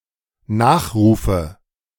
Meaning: nominative/accusative/genitive plural of Nachruf
- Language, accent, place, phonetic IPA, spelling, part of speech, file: German, Germany, Berlin, [ˈnaːxˌʁuːfə], Nachrufe, noun, De-Nachrufe.ogg